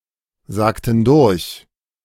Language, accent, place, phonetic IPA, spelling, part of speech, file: German, Germany, Berlin, [ˌzaːktn̩ ˈdʊʁç], sagten durch, verb, De-sagten durch.ogg
- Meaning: inflection of durchsagen: 1. first/third-person plural preterite 2. first/third-person plural subjunctive II